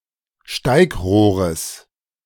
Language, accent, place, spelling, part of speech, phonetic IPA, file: German, Germany, Berlin, Steigrohres, noun, [ˈʃtaɪ̯kˌʁoːʁəs], De-Steigrohres.ogg
- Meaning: genitive singular of Steigrohr